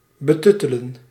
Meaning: to condescend, to patronise, to treat as less than adult
- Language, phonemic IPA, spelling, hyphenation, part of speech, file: Dutch, /bəˈtʏ.tə.lə(n)/, betuttelen, be‧tut‧te‧len, verb, Nl-betuttelen.ogg